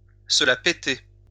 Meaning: to show off, to be full of oneself, to give oneself airs
- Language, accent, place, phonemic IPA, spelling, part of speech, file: French, France, Lyon, /sə la pe.te/, se la péter, verb, LL-Q150 (fra)-se la péter.wav